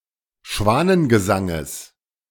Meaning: genitive singular of Schwanengesang
- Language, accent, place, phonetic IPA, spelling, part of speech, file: German, Germany, Berlin, [ˈʃvaːnənɡəˌzaŋəs], Schwanengesanges, noun, De-Schwanengesanges.ogg